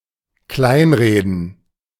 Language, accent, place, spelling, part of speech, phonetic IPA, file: German, Germany, Berlin, kleinreden, verb, [ˈklaɪ̯nˌʁeːdn̩], De-kleinreden.ogg
- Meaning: to downplay, belittle